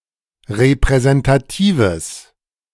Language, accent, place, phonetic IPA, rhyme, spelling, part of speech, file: German, Germany, Berlin, [ʁepʁɛzɛntaˈtiːvəs], -iːvəs, repräsentatives, adjective, De-repräsentatives.ogg
- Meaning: strong/mixed nominative/accusative neuter singular of repräsentativ